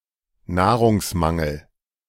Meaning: food shortage
- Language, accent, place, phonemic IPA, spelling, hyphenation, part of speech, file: German, Germany, Berlin, /ˈnaːʁʊŋsˌmaŋl̩/, Nahrungsmangel, Nah‧rungs‧man‧gel, noun, De-Nahrungsmangel.ogg